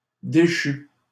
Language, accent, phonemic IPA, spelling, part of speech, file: French, Canada, /de.ʃy/, déchu, verb / adjective, LL-Q150 (fra)-déchu.wav
- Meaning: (verb) past participle of déchoir; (adjective) deposed, dethroned